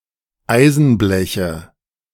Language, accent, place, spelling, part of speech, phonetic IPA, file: German, Germany, Berlin, Eisenbleche, noun, [ˈaɪ̯zn̩ˌblɛçə], De-Eisenbleche.ogg
- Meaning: nominative/accusative/genitive plural of Eisenblech